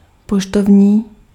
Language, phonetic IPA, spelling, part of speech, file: Czech, [ˈpoʃtovɲiː], poštovní, adjective, Cs-poštovní.ogg
- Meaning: postal